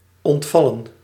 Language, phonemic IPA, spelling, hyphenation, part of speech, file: Dutch, /ˌɔntˈvɑlə(n)/, ontvallen, ont‧val‧len, verb, Nl-ontvallen.ogg
- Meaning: 1. to slip out, to say something unintended 2. to become lost 3. to die